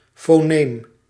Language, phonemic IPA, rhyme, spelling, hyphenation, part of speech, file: Dutch, /foːˈneːm/, -eːm, foneem, fo‧neem, noun, Nl-foneem.ogg
- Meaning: a phoneme